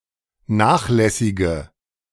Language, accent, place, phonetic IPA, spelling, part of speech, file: German, Germany, Berlin, [ˈnaːxˌlɛsɪɡə], nachlässige, adjective, De-nachlässige.ogg
- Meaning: inflection of nachlässig: 1. strong/mixed nominative/accusative feminine singular 2. strong nominative/accusative plural 3. weak nominative all-gender singular